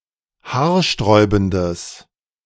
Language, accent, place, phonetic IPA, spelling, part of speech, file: German, Germany, Berlin, [ˈhaːɐ̯ˌʃtʁɔɪ̯bn̩dəs], haarsträubendes, adjective, De-haarsträubendes.ogg
- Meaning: strong/mixed nominative/accusative neuter singular of haarsträubend